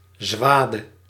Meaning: a single row of mowed grass, or a swath
- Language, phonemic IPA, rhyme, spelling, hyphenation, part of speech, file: Dutch, /ˈzʋaː.də/, -aːdə, zwade, zwa‧de, noun, Nl-zwade.ogg